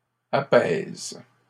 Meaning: second-person singular present indicative/subjunctive of apaiser
- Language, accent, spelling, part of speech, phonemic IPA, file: French, Canada, apaises, verb, /a.pɛz/, LL-Q150 (fra)-apaises.wav